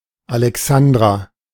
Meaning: a female given name from Ancient Greek, masculine equivalent Alexander, equivalent to English Alexandra
- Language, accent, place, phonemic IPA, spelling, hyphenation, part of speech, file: German, Germany, Berlin, /alɛˈksandʁa/, Alexandra, Ale‧xan‧dra, proper noun, De-Alexandra.ogg